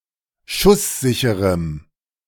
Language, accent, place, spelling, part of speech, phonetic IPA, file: German, Germany, Berlin, schusssicherem, adjective, [ˈʃʊsˌzɪçəʁəm], De-schusssicherem.ogg
- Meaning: strong dative masculine/neuter singular of schusssicher